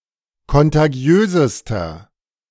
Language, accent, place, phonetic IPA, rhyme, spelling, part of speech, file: German, Germany, Berlin, [kɔntaˈɡi̯øːzəstɐ], -øːzəstɐ, kontagiösester, adjective, De-kontagiösester.ogg
- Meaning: inflection of kontagiös: 1. strong/mixed nominative masculine singular superlative degree 2. strong genitive/dative feminine singular superlative degree 3. strong genitive plural superlative degree